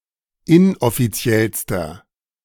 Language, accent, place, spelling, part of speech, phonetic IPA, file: German, Germany, Berlin, inoffiziellster, adjective, [ˈɪnʔɔfiˌt͡si̯ɛlstɐ], De-inoffiziellster.ogg
- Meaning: inflection of inoffiziell: 1. strong/mixed nominative masculine singular superlative degree 2. strong genitive/dative feminine singular superlative degree 3. strong genitive plural superlative degree